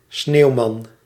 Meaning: snowman, figure made of snow
- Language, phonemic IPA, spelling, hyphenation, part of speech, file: Dutch, /ˈsneːu̯.mɑn/, sneeuwman, sneeuw‧man, noun, Nl-sneeuwman.ogg